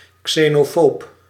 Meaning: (noun) xenophobe; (adjective) xenophobic
- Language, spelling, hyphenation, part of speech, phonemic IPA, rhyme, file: Dutch, xenofoob, xe‧no‧foob, noun / adjective, /ˌkseːnoːˈfoːp/, -oːp, Nl-xenofoob.ogg